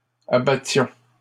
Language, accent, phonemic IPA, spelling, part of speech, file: French, Canada, /a.ba.tjɔ̃/, abattions, verb, LL-Q150 (fra)-abattions.wav
- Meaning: inflection of abattre: 1. first-person plural imperfect indicative 2. first-person plural present subjunctive